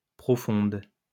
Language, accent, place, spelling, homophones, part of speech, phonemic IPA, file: French, France, Lyon, profonde, profondes, adjective, /pʁɔ.fɔ̃d/, LL-Q150 (fra)-profonde.wav
- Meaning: feminine singular of profond